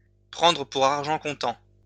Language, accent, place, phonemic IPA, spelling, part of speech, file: French, France, Lyon, /pʁɑ̃.dʁə pu.ʁ‿aʁ.ʒɑ̃ kɔ̃.tɑ̃/, prendre pour argent comptant, verb, LL-Q150 (fra)-prendre pour argent comptant.wav
- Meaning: to take at face value